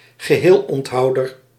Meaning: teetotaller, teetotaler
- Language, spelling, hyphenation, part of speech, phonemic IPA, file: Dutch, geheelonthouder, ge‧heel‧ont‧hou‧der, noun, /ɣəˈɦeːl.ɔntˌɦɑu̯.dər/, Nl-geheelonthouder.ogg